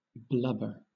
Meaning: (verb) 1. Often followed by out: to cry out (words) while sobbing 2. To wet (one's eyes or face) by crying; to beweep; also, to cause (one's face) to disfigure or swell through crying
- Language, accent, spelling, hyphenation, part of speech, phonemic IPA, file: English, Southern England, blubber, blub‧ber, verb / noun / adjective, /ˈblʌbə/, LL-Q1860 (eng)-blubber.wav